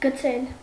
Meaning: 1. to throw; cast; hurl, fling; chuck 2. to drop, allow to fall 3. to con, bunco, hoodwink
- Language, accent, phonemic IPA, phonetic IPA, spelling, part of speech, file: Armenian, Eastern Armenian, /ɡəˈt͡sʰel/, [ɡət͡sʰél], գցել, verb, Hy-գցել.ogg